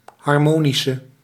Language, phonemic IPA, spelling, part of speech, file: Dutch, /ɦɑr.ˈmoː.ni.sən/, harmonischen, noun, Nl-harmonischen.ogg
- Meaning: plural of harmonische